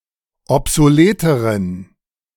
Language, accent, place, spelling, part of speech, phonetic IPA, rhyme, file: German, Germany, Berlin, obsoleteren, adjective, [ɔpzoˈleːtəʁən], -eːtəʁən, De-obsoleteren.ogg
- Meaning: inflection of obsolet: 1. strong genitive masculine/neuter singular comparative degree 2. weak/mixed genitive/dative all-gender singular comparative degree